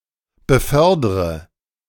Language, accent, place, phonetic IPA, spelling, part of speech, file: German, Germany, Berlin, [bəˈfœʁdʁə], befördre, verb, De-befördre.ogg
- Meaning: inflection of befördern: 1. first-person singular present 2. first/third-person singular subjunctive I 3. singular imperative